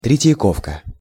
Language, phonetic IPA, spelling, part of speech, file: Russian, [trʲɪtʲjɪˈkofkə], Третьяковка, proper noun, Ru-Третьяковка.ogg
- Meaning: Tretyakov Gallery